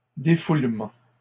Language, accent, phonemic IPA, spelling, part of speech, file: French, Canada, /de.ful.mɑ̃/, défoulement, noun, LL-Q150 (fra)-défoulement.wav
- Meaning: 1. catharsis (release of emotional tension) 2. unwinding